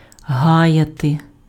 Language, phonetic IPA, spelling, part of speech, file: Ukrainian, [ˈɦajɐte], гаяти, verb, Uk-гаяти.ogg
- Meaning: 1. to detain, to keep back, to stop (somebody) 2. to waste (time)